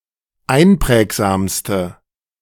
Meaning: inflection of einprägsam: 1. strong/mixed nominative/accusative feminine singular superlative degree 2. strong nominative/accusative plural superlative degree
- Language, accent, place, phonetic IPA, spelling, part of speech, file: German, Germany, Berlin, [ˈaɪ̯nˌpʁɛːkzaːmstə], einprägsamste, adjective, De-einprägsamste.ogg